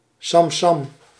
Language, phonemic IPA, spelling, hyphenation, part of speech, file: Dutch, /sɑmˈsɑm/, samsam, sam‧sam, adverb, Nl-samsam.ogg
- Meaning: fifty-fifty, equally, with equal shares or contributions